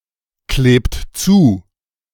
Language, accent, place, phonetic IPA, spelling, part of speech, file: German, Germany, Berlin, [ˌkleːpt ˈt͡suː], klebt zu, verb, De-klebt zu.ogg
- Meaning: inflection of zukleben: 1. second-person plural present 2. third-person singular present 3. plural imperative